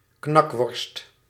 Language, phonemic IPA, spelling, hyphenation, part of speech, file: Dutch, /ˈknɑk.ʋɔrst/, knakworst, knak‧worst, noun, Nl-knakworst.ogg
- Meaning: knackwurst